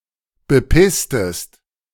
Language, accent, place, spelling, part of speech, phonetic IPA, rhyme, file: German, Germany, Berlin, bepisstest, verb, [bəˈpɪstəst], -ɪstəst, De-bepisstest.ogg
- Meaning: inflection of bepissen: 1. second-person singular preterite 2. second-person singular subjunctive II